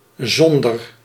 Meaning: without
- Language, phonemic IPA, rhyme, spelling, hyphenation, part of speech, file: Dutch, /ˈzɔn.dər/, -ɔndər, zonder, zon‧der, preposition, Nl-zonder.ogg